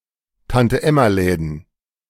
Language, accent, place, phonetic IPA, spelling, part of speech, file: German, Germany, Berlin, [tantəˈʔɛmaˌlɛːdn̩], Tante-Emma-Läden, noun, De-Tante-Emma-Läden.ogg
- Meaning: plural of Tante-Emma-Laden